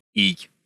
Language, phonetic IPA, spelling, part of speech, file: Russian, [ij], ий, noun, Ru-ий.ogg
- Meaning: The name of the Cyrillic script letter Й/й